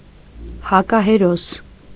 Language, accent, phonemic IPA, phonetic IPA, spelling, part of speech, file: Armenian, Eastern Armenian, /hɑkɑheˈɾos/, [hɑkɑheɾós], հակահերոս, noun, Hy-հակահերոս.ogg
- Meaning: antihero